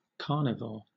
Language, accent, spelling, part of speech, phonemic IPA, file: English, Southern England, carnivore, noun, /ˈkɑː.nɪ.vɔː/, LL-Q1860 (eng)-carnivore.wav
- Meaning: 1. An organism that feeds chiefly on animals; an animal that feeds on meat as the main part of its diet 2. A mammal belonging to the order Carnivora 3. A person who is not a vegetarian